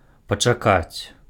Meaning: to wait
- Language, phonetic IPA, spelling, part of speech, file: Belarusian, [pat͡ʂaˈkat͡sʲ], пачакаць, verb, Be-пачакаць.ogg